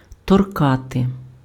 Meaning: to touch, to poke, to tap
- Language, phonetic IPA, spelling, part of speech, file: Ukrainian, [tɔrˈkate], торкати, verb, Uk-торкати.ogg